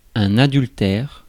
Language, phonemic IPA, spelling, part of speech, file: French, /a.dyl.tɛʁ/, adultère, adjective / noun / verb, Fr-adultère.ogg
- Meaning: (adjective) adulterous; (noun) 1. adulterer, adulteress (an adulterous woman) 2. adultery (sexual intercourse by a married person with someone other than his or her spouse)